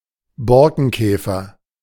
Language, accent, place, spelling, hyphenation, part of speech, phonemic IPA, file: German, Germany, Berlin, Borkenkäfer, Bor‧ken‧kä‧fer, noun, /ˈbɔrkənˌkɛːfər/, De-Borkenkäfer.ogg
- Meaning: bark beetle